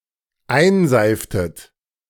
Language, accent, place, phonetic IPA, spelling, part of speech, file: German, Germany, Berlin, [ˈaɪ̯nˌzaɪ̯ftət], einseiftet, verb, De-einseiftet.ogg
- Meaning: inflection of einseifen: 1. second-person plural dependent preterite 2. second-person plural dependent subjunctive II